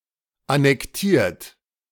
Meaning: 1. past participle of annektieren 2. inflection of annektieren: third-person singular present 3. inflection of annektieren: second-person plural present 4. inflection of annektieren: plural imperative
- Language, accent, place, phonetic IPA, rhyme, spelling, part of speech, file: German, Germany, Berlin, [anɛkˈtiːɐ̯t], -iːɐ̯t, annektiert, verb, De-annektiert.ogg